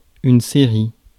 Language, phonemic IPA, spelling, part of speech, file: French, /se.ʁi/, série, noun, Fr-série.ogg
- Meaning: 1. series 2. serial, television program in installments 3. series (sum of the terms of a sequence)